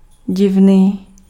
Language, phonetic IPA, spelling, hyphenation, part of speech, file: Czech, [ˈɟɪvniː], divný, div‧ný, adjective, Cs-divný.ogg
- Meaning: 1. strange, odd, surprising 2. queer, weird 3. fishy, suspicious